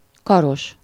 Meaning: having arms, with arms
- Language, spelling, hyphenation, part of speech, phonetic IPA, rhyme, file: Hungarian, karos, ka‧ros, adjective, [ˈkɒroʃ], -oʃ, Hu-karos.ogg